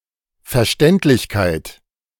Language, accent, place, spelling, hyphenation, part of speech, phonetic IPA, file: German, Germany, Berlin, Verständlichkeit, Ver‧ständ‧lich‧keit, noun, [fɛɐ̯ˈʃtɛntlɪçkaɪ̯t], De-Verständlichkeit.ogg
- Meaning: intelligibility, comprehensibility